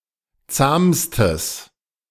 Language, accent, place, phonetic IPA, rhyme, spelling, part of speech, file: German, Germany, Berlin, [ˈt͡saːmstəs], -aːmstəs, zahmstes, adjective, De-zahmstes.ogg
- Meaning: strong/mixed nominative/accusative neuter singular superlative degree of zahm